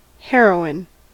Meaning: 1. A powerful and addictive drug derived from opium producing intense euphoria, classed as an illegal narcotic in most of the world 2. Obsolete spelling of heroine
- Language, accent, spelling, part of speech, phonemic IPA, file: English, US, heroin, noun, /hɛəɹoʊ.ɪn/, En-us-heroin.ogg